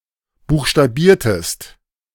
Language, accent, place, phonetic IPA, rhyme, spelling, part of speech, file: German, Germany, Berlin, [ˌbuːxʃtaˈbiːɐ̯təst], -iːɐ̯təst, buchstabiertest, verb, De-buchstabiertest.ogg
- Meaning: inflection of buchstabieren: 1. second-person singular preterite 2. second-person singular subjunctive II